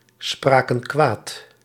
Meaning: inflection of kwaadspreken: 1. plural past indicative 2. plural past subjunctive
- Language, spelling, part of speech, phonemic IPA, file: Dutch, spraken kwaad, verb, /ˈsprakə(n) ˈkwat/, Nl-spraken kwaad.ogg